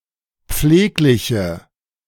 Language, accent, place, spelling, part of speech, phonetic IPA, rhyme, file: German, Germany, Berlin, pflegliche, adjective, [ˈp͡fleːklɪçə], -eːklɪçə, De-pflegliche.ogg
- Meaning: inflection of pfleglich: 1. strong/mixed nominative/accusative feminine singular 2. strong nominative/accusative plural 3. weak nominative all-gender singular